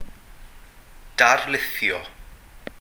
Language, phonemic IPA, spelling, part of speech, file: Welsh, /darˈlɪθjɔ/, darlithio, verb, Cy-darlithio.ogg
- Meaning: to lecture